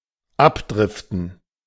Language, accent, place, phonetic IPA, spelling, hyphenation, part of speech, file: German, Germany, Berlin, [ˈapˌdʁɪftn̩], abdriften, ab‧drif‧ten, verb, De-abdriften.ogg
- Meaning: 1. to drift off course 2. to lapse, to fall into, to get caught up in a state or environment framed as negative 3. to go off course, to go off-topic (of a discussion)